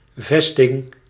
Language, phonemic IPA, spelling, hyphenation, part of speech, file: Dutch, /ˈvɛs.tɪŋ/, vesting, ves‧ting, noun, Nl-vesting.ogg
- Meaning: fortification